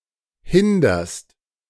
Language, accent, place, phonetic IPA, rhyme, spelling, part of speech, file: German, Germany, Berlin, [ˈhɪndɐst], -ɪndɐst, hinderst, verb, De-hinderst.ogg
- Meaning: second-person singular present of hindern